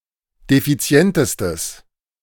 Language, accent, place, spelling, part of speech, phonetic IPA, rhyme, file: German, Germany, Berlin, defizientestes, adjective, [defiˈt͡si̯ɛntəstəs], -ɛntəstəs, De-defizientestes.ogg
- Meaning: strong/mixed nominative/accusative neuter singular superlative degree of defizient